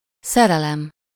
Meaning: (noun) 1. romantic love 2. someone’s sweetheart 3. a love affair, loving relationship 4. a love affair, loving relationship: lovemaking, sexual intercourse
- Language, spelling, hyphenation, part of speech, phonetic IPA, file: Hungarian, szerelem, sze‧re‧lem, noun / verb, [ˈsɛrɛlɛm], Hu-szerelem.ogg